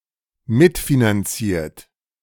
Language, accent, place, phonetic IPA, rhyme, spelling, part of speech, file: German, Germany, Berlin, [ˈmɪtfinanˌt͡siːɐ̯t], -ɪtfinant͡siːɐ̯t, mitfinanziert, verb, De-mitfinanziert.ogg
- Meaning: past participle of mitfinanzieren